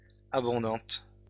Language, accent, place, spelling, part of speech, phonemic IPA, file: French, France, Lyon, abondante, adjective, /a.bɔ̃.dɑ̃t/, LL-Q150 (fra)-abondante.wav
- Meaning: feminine singular of abondant